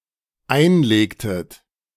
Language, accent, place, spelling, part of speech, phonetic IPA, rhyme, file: German, Germany, Berlin, einlegtet, verb, [ˈaɪ̯nˌleːktət], -aɪ̯nleːktət, De-einlegtet.ogg
- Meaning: inflection of einlegen: 1. second-person plural dependent preterite 2. second-person plural dependent subjunctive II